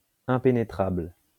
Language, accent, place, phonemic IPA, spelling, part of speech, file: French, France, Lyon, /ɛ̃.pe.ne.tʁabl/, impénétrable, adjective, LL-Q150 (fra)-impénétrable.wav
- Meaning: 1. impenetrable 2. not understandable, mysterious